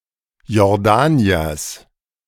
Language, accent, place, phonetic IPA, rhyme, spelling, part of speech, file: German, Germany, Berlin, [jɔʁˈdaːni̯ɐs], -aːni̯ɐs, Jordaniers, noun, De-Jordaniers.ogg
- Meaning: genitive singular of Jordanier